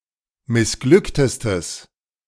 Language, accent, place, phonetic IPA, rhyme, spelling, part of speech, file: German, Germany, Berlin, [mɪsˈɡlʏktəstəs], -ʏktəstəs, missglücktestes, adjective, De-missglücktestes.ogg
- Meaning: strong/mixed nominative/accusative neuter singular superlative degree of missglückt